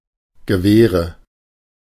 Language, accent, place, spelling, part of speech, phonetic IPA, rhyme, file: German, Germany, Berlin, Gewehre, noun, [ɡəˈveːʁə], -eːʁə, De-Gewehre.ogg
- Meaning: nominative/accusative/genitive plural of Gewehr